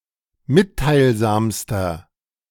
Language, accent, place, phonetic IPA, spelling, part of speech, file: German, Germany, Berlin, [ˈmɪttaɪ̯lˌzaːmstɐ], mitteilsamster, adjective, De-mitteilsamster.ogg
- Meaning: inflection of mitteilsam: 1. strong/mixed nominative masculine singular superlative degree 2. strong genitive/dative feminine singular superlative degree 3. strong genitive plural superlative degree